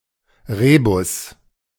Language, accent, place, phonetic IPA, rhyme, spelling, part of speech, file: German, Germany, Berlin, [ˈʁeːbʊs], -eːbʊs, Rebus, noun, De-Rebus.ogg
- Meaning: rebus (type of word puzzle)